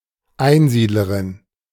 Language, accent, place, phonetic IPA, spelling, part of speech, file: German, Germany, Berlin, [ˈaɪ̯nˌziːdləʁɪn], Einsiedlerin, noun, De-Einsiedlerin.ogg
- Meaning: female equivalent of Einsiedler